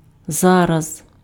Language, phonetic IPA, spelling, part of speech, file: Ukrainian, [ˈzarɐz], зараз, adverb, Uk-зараз.ogg
- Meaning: 1. now 2. right away, immediately, instantly 3. at once